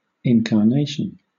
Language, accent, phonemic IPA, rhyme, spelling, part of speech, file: English, Southern England, /ˌɪŋ.kɑːˈneɪ.ʃən/, -eɪʃən, incarnation, noun, LL-Q1860 (eng)-incarnation.wav
- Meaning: 1. An incarnate being or form 2. A version or iteration (of something) 3. A living being embodying a deity or spirit 4. An assumption of human form or nature